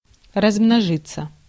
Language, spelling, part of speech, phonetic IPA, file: Russian, размножиться, verb, [rɐzˈmnoʐɨt͡sə], Ru-размножиться.ogg
- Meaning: 1. to reproduce, to breed, to spawn, to propagate 2. to multiply 3. passive of размно́жить (razmnóžitʹ)